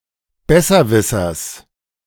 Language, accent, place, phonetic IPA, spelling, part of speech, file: German, Germany, Berlin, [ˈbɛsɐˌvɪsɐs], Besserwissers, noun, De-Besserwissers.ogg
- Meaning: genitive singular of Besserwisser